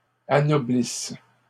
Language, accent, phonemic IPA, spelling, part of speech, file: French, Canada, /a.nɔ.blis/, anoblissent, verb, LL-Q150 (fra)-anoblissent.wav
- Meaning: inflection of anoblir: 1. third-person plural present indicative/subjunctive 2. third-person plural imperfect subjunctive